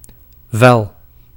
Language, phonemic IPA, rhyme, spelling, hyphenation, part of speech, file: Dutch, /vɛl/, -ɛl, vel, vel, noun / verb, Nl-vel.ogg
- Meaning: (noun) 1. a skin, a hide 2. a fur, a pelt 3. a sheet (e.g. of paper; incorrectly used for a page) 4. a membrane, e.g. forming on boiling milk 5. a rag, a shred